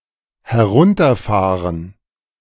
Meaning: 1. to drive down (towards the speaker) 2. to shut down
- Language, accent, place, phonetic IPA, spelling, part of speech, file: German, Germany, Berlin, [hɛˈʁʊntɐˌfaːʁən], herunterfahren, verb, De-herunterfahren.ogg